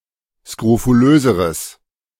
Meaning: strong/mixed nominative/accusative neuter singular comparative degree of skrofulös
- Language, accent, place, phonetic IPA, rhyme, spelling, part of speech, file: German, Germany, Berlin, [skʁofuˈløːzəʁəs], -øːzəʁəs, skrofulöseres, adjective, De-skrofulöseres.ogg